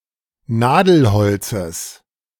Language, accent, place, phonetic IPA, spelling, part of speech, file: German, Germany, Berlin, [ˈnaːdl̩ˌhɔlt͡səs], Nadelholzes, noun, De-Nadelholzes.ogg
- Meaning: genitive singular of Nadelholz